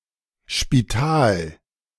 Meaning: 1. hospital 2. nursing home 3. poorhouse
- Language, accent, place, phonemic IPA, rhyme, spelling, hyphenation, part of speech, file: German, Germany, Berlin, /ʃpiˈtaːl/, -aːl, Spital, Spi‧tal, noun, De-Spital.ogg